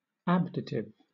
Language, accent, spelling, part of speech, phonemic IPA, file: English, Southern England, abditive, adjective, /ˈæb.dɪ.tɪv/, LL-Q1860 (eng)-abditive.wav
- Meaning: Having the quality of hiding